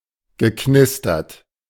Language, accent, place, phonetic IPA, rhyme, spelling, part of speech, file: German, Germany, Berlin, [ɡəˈknɪstɐt], -ɪstɐt, geknistert, verb, De-geknistert.ogg
- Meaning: past participle of knistern